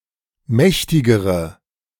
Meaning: inflection of mächtig: 1. strong/mixed nominative/accusative feminine singular comparative degree 2. strong nominative/accusative plural comparative degree
- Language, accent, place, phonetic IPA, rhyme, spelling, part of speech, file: German, Germany, Berlin, [ˈmɛçtɪɡəʁə], -ɛçtɪɡəʁə, mächtigere, adjective, De-mächtigere.ogg